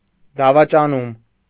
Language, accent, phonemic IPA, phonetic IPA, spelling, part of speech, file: Armenian, Eastern Armenian, /dɑvɑt͡ʃɑˈnum/, [dɑvɑt͡ʃɑnúm], դավաճանում, noun, Hy-դավաճանում.ogg
- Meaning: treason